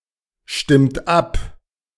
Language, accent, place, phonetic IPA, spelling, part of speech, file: German, Germany, Berlin, [ˌʃtɪmt ˈap], stimmt ab, verb, De-stimmt ab.ogg
- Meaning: inflection of abstimmen: 1. third-person singular present 2. second-person plural present 3. plural imperative